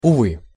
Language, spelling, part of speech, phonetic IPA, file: Russian, увы, interjection, [ʊˈvɨ], Ru-увы.ogg
- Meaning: alas!